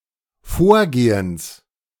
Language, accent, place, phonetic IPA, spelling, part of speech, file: German, Germany, Berlin, [ˈfoːɐ̯ˌɡeːəns], Vorgehens, noun, De-Vorgehens.ogg
- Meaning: genitive singular of Vorgehen